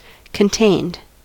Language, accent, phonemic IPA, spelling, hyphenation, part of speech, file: English, US, /kənˈteɪnd/, contained, con‧tained, adjective / verb, En-us-contained.ogg
- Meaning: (adjective) Restricted in space; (verb) simple past and past participle of contain